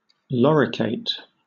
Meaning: An anthelmintic medication used to treat a number of types of parasitic worm infections, including clonorchiasis, cysticercosis, opisthorchiasis, schistosomiasis, and tapeworm infections
- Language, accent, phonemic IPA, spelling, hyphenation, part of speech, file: English, Southern England, /ˌpɹæzɪˈkwæntɛl/, praziquantel, pra‧zi‧quan‧tel, noun, LL-Q1860 (eng)-praziquantel.wav